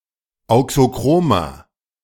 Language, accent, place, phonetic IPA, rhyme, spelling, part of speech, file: German, Germany, Berlin, [ˌaʊ̯ksoˈkʁoːmɐ], -oːmɐ, auxochromer, adjective, De-auxochromer.ogg
- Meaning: inflection of auxochrom: 1. strong/mixed nominative masculine singular 2. strong genitive/dative feminine singular 3. strong genitive plural